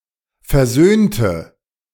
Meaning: inflection of versöhnen: 1. first/third-person singular preterite 2. first/third-person singular subjunctive II
- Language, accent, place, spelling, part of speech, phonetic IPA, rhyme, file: German, Germany, Berlin, versöhnte, adjective / verb, [fɛɐ̯ˈzøːntə], -øːntə, De-versöhnte.ogg